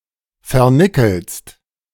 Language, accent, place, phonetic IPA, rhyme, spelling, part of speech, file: German, Germany, Berlin, [fɛɐ̯ˈnɪkl̩st], -ɪkl̩st, vernickelst, verb, De-vernickelst.ogg
- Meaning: second-person singular present of vernickeln